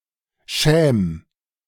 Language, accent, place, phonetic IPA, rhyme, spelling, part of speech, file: German, Germany, Berlin, [ʃɛːm], -ɛːm, schäm, verb, De-schäm.ogg
- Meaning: 1. singular imperative of schämen 2. first-person singular present of schämen